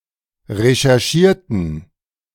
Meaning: inflection of recherchieren: 1. first/third-person plural preterite 2. first/third-person plural subjunctive II
- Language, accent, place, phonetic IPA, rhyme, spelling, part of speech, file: German, Germany, Berlin, [ʁeʃɛʁˈʃiːɐ̯tn̩], -iːɐ̯tn̩, recherchierten, adjective / verb, De-recherchierten.ogg